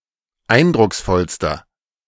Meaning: inflection of eindrucksvoll: 1. strong/mixed nominative masculine singular superlative degree 2. strong genitive/dative feminine singular superlative degree
- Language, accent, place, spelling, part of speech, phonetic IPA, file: German, Germany, Berlin, eindrucksvollster, adjective, [ˈaɪ̯ndʁʊksˌfɔlstɐ], De-eindrucksvollster.ogg